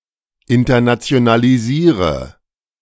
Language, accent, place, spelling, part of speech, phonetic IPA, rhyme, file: German, Germany, Berlin, internationalisiere, verb, [ɪntɐnat͡si̯onaliˈziːʁə], -iːʁə, De-internationalisiere.ogg
- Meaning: inflection of internationalisieren: 1. first-person singular present 2. singular imperative 3. first/third-person singular subjunctive I